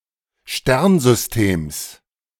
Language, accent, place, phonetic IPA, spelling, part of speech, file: German, Germany, Berlin, [ˈʃtɛʁnzʏsˌteːms], Sternsystems, noun, De-Sternsystems.ogg
- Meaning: genitive singular of Sternsystem